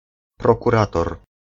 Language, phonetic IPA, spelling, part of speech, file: Polish, [ˌprɔkuˈratɔr], prokurator, noun, Pl-prokurator.ogg